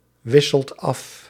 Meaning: inflection of afwisselen: 1. second/third-person singular present indicative 2. plural imperative
- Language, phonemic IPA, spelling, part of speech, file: Dutch, /ˈwɪsəlt ˈɑf/, wisselt af, verb, Nl-wisselt af.ogg